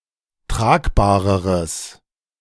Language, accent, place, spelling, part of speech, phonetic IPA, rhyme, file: German, Germany, Berlin, tragbareres, adjective, [ˈtʁaːkbaːʁəʁəs], -aːkbaːʁəʁəs, De-tragbareres.ogg
- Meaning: strong/mixed nominative/accusative neuter singular comparative degree of tragbar